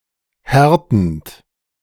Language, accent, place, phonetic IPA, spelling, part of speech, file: German, Germany, Berlin, [ˈhɛʁtn̩t], härtend, verb, De-härtend.ogg
- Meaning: present participle of härten